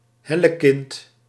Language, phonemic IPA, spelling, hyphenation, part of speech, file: Dutch, /ˈɦɛ.ləˌkɪnt/, hellekind, hel‧le‧kind, noun, Nl-hellekind.ogg
- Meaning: 1. hellspawn, son of Darkness 2. nasty child, crotch critter, dipshit